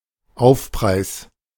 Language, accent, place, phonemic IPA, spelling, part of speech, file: German, Germany, Berlin, /ˈaʊ̯fˌpʁaɪ̯s/, Aufpreis, noun, De-Aufpreis.ogg
- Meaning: surcharge